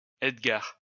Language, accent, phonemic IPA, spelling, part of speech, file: French, France, /ɛd.ɡaʁ/, Edgar, proper noun, LL-Q150 (fra)-Edgar.wav
- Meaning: a male given name, equivalent to English Edgar